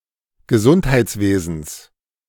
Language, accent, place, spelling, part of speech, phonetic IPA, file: German, Germany, Berlin, Gesundheitswesens, noun, [ɡəˈzunthaɪ̯t͡sˌveːzn̩s], De-Gesundheitswesens.ogg
- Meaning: genitive singular of Gesundheitswesen